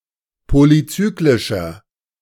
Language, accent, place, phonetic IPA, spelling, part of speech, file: German, Germany, Berlin, [ˌpolyˈt͡syːklɪʃɐ], polyzyklischer, adjective, De-polyzyklischer.ogg
- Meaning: inflection of polyzyklisch: 1. strong/mixed nominative masculine singular 2. strong genitive/dative feminine singular 3. strong genitive plural